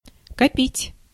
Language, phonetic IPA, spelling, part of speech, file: Russian, [kɐˈpʲitʲ], копить, verb, Ru-копить.ogg
- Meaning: 1. to accumulate, to gather, to amass 2. to save up (money) 3. to save up, conserve 4. to hide, to conceal (feelings, knowledge, etc.)